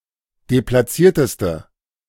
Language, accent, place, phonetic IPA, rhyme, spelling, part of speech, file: German, Germany, Berlin, [deplaˈt͡siːɐ̯təstə], -iːɐ̯təstə, deplatzierteste, adjective, De-deplatzierteste.ogg
- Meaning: inflection of deplatziert: 1. strong/mixed nominative/accusative feminine singular superlative degree 2. strong nominative/accusative plural superlative degree